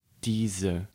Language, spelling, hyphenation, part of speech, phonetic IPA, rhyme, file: German, diese, die‧se, pronoun, [ˈdiːzə], -iːzə, De-diese.ogg
- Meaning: 1. nominative feminine singular of dieser; "this" 2. accusative feminine singular of dieser; "this" 3. nominative plural of dieser; "these" 4. accusative plural of dieser; "these"